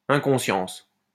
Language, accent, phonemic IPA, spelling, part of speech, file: French, France, /ɛ̃.kɔ̃.sjɑ̃s/, inconscience, noun, LL-Q150 (fra)-inconscience.wav
- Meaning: 1. unconsciousness 2. recklessness, pure madness